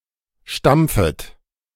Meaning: second-person plural subjunctive I of stampfen
- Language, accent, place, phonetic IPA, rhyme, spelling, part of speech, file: German, Germany, Berlin, [ˈʃtamp͡fət], -amp͡fət, stampfet, verb, De-stampfet.ogg